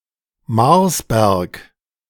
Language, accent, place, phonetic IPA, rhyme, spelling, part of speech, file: German, Germany, Berlin, [ˈmaʁsˌbɛʁk], -aʁsbɛʁk, Marsberg, proper noun, De-Marsberg.ogg
- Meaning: A town in Sauerland, Germany